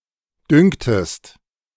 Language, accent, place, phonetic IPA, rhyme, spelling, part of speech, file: German, Germany, Berlin, [ˈdʏŋtəst], -ʏŋtəst, düngtest, verb, De-düngtest.ogg
- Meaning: inflection of düngen: 1. second-person singular preterite 2. second-person singular subjunctive II